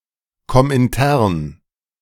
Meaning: Comintern (international association of Communist parties)
- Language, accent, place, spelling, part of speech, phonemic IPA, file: German, Germany, Berlin, Komintern, proper noun, /ˈkɔmɪntɛʁn/, De-Komintern.ogg